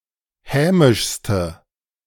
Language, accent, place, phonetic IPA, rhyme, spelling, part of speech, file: German, Germany, Berlin, [ˈhɛːmɪʃstə], -ɛːmɪʃstə, hämischste, adjective, De-hämischste.ogg
- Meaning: inflection of hämisch: 1. strong/mixed nominative/accusative feminine singular superlative degree 2. strong nominative/accusative plural superlative degree